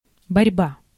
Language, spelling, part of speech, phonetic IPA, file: Russian, борьба, noun, [bɐrʲˈba], Ru-борьба.ogg
- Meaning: 1. struggle, fight, conflict, combat 2. wrestling